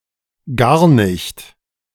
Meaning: not at all, not one bit, no way, never, in no manner
- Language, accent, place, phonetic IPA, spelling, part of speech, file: German, Germany, Berlin, [ˈɡaːɐ̯ nɪçt], gar nicht, phrase, De-gar nicht.ogg